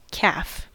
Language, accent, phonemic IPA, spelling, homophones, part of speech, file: English, US, /kæf/, calf, caff / kaf / kaph, noun, En-us-calf.ogg
- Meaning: 1. A young cow or bull of any bovid, such as domestic cattle or buffalo 2. Leather made of the skin of domestic calves; especially, a fine, light-coloured leather used in bookbinding